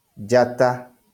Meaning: star
- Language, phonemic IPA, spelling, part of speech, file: Kikuyu, /ᶮdʑátáꜜ/, njata, noun, LL-Q33587 (kik)-njata.wav